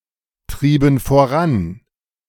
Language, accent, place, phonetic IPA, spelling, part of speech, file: German, Germany, Berlin, [ˌtʁiːbn̩ foˈʁan], trieben voran, verb, De-trieben voran.ogg
- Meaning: inflection of vorantreiben: 1. first/third-person plural preterite 2. first/third-person plural subjunctive II